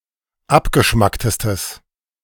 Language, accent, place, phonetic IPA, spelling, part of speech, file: German, Germany, Berlin, [ˈapɡəˌʃmaktəstəs], abgeschmacktestes, adjective, De-abgeschmacktestes.ogg
- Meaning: strong/mixed nominative/accusative neuter singular superlative degree of abgeschmackt